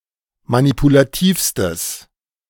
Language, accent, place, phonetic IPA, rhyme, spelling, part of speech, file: German, Germany, Berlin, [manipulaˈtiːfstəs], -iːfstəs, manipulativstes, adjective, De-manipulativstes.ogg
- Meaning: strong/mixed nominative/accusative neuter singular superlative degree of manipulativ